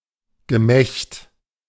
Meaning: 1. male genitalia (penis and testicles) 2. husband and wife 3. agreement 4. testament 5. morning gift 6. riot 7. ornament 8. magic 9. work
- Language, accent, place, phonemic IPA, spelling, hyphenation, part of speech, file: German, Germany, Berlin, /ɡəˈmɛçt/, Gemächt, Ge‧mächt, noun, De-Gemächt.ogg